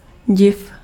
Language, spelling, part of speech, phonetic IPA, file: Czech, div, noun, [ˈɟɪf], Cs-div.ogg
- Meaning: wonder